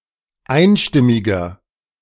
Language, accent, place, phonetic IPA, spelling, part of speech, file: German, Germany, Berlin, [ˈaɪ̯nˌʃtɪmɪɡɐ], einstimmiger, adjective, De-einstimmiger.ogg
- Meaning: inflection of einstimmig: 1. strong/mixed nominative masculine singular 2. strong genitive/dative feminine singular 3. strong genitive plural